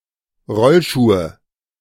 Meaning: nominative/accusative/genitive plural of Rollschuh
- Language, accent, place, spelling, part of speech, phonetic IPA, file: German, Germany, Berlin, Rollschuhe, noun, [ˈʁɔlˌʃuːə], De-Rollschuhe.ogg